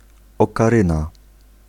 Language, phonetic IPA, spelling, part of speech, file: Polish, [ˌɔkaˈrɨ̃na], okaryna, noun, Pl-okaryna.ogg